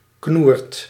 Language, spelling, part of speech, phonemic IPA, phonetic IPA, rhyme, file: Dutch, knoert, noun, /knurt/, [knuːrt], -uːrt, Nl-knoert.ogg
- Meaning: whopper (something remarkably large)